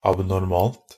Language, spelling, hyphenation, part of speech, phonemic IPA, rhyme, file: Norwegian Bokmål, abnormalt, ab‧nor‧malt, adjective, /abnɔrˈmɑːlt/, -ɑːlt, Nb-abnormalt.ogg
- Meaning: neuter singular of abnormal